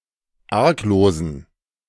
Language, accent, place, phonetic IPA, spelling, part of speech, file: German, Germany, Berlin, [ˈaʁkˌloːzn̩], arglosen, adjective, De-arglosen.ogg
- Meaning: inflection of arglos: 1. strong genitive masculine/neuter singular 2. weak/mixed genitive/dative all-gender singular 3. strong/weak/mixed accusative masculine singular 4. strong dative plural